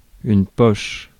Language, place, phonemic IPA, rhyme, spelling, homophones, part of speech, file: French, Paris, /pɔʃ/, -ɔʃ, poche, pochent / poches, noun / verb / adjective, Fr-poche.ogg
- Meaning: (noun) 1. pocket (part of the clothing) 2. pouch (small bag, or part of small bag) 3. pouch (of a marsupial) 4. pocket (cavity) 5. poach (act of cooking by poaching)